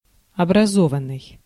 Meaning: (verb) past passive perfective participle of образова́ть (obrazovátʹ, “to form”); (adjective) educated (having attained a level of higher education)
- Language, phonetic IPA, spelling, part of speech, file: Russian, [ɐbrɐˈzovən(ː)ɨj], образованный, verb / adjective, Ru-образованный.ogg